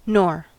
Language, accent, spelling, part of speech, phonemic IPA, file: English, US, nor, conjunction / noun, /nɔɹ/, En-us-nor.ogg
- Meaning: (conjunction) 1. And... not (introducing a negative statement, without necessarily following one) 2. A function word introducing each except the first term of a series, indicating none of them is true